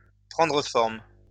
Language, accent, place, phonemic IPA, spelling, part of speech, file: French, France, Lyon, /pʁɑ̃.dʁə fɔʁm/, prendre forme, verb, LL-Q150 (fra)-prendre forme.wav
- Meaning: to take shape